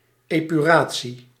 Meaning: (political) purification, cleansing, now especially in the context of World War II
- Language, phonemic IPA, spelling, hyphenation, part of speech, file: Dutch, /ˌeː.pyˈraː.(t)si/, epuratie, epu‧ra‧tie, noun, Nl-epuratie.ogg